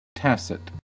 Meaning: 1. Implied, but not made explicit, especially through silence 2. Not derived from formal principles of reasoning; based on induction rather than deduction
- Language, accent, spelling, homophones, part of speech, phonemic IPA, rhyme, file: English, US, tacit, tacet / tasset, adjective, /ˈtæsɪt/, -æsɪt, En-us-tacit.ogg